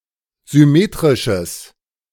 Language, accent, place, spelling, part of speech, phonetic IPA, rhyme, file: German, Germany, Berlin, symmetrisches, adjective, [zʏˈmeːtʁɪʃəs], -eːtʁɪʃəs, De-symmetrisches.ogg
- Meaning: strong/mixed nominative/accusative neuter singular of symmetrisch